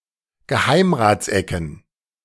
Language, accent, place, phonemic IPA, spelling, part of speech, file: German, Germany, Berlin, /ɡəˈhaɪ̯m.ʁa(ː)tsˌɛkən/, Geheimratsecken, noun, De-Geheimratsecken.ogg
- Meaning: a form of slight or beginning male pattern baldness where the hairline has receded on the temples and the sides of the forehead, but less so in the middle